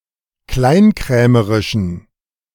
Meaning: inflection of kleinkrämerisch: 1. strong genitive masculine/neuter singular 2. weak/mixed genitive/dative all-gender singular 3. strong/weak/mixed accusative masculine singular 4. strong dative plural
- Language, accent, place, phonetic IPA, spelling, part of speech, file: German, Germany, Berlin, [ˈklaɪ̯nˌkʁɛːməʁɪʃn̩], kleinkrämerischen, adjective, De-kleinkrämerischen.ogg